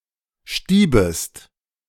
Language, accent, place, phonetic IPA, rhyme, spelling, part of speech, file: German, Germany, Berlin, [ˈʃtiːbəst], -iːbəst, stiebest, verb, De-stiebest.ogg
- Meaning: second-person singular subjunctive I of stieben